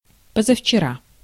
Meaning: day before yesterday
- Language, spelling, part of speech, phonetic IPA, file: Russian, позавчера, adverb, [pəzəft͡ɕɪˈra], Ru-позавчера.ogg